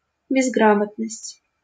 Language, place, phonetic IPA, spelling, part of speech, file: Russian, Saint Petersburg, [bʲɪzˈɡramətnəsʲtʲ], безграмотность, noun, LL-Q7737 (rus)-безграмотность.wav
- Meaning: 1. illiteracy 2. ignorance